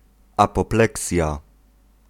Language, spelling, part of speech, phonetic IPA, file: Polish, apopleksja, noun, [ˌapɔˈplɛksʲja], Pl-apopleksja.ogg